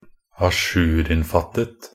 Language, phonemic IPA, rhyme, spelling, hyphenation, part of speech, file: Norwegian Bokmål, /aˈʃʉːrɪnfatət/, -ət, ajourinnfattet, a‧jour‧inn‧fatt‧et, adjective, Nb-ajourinnfattet.ogg
- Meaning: enframed so that the top and bottom are free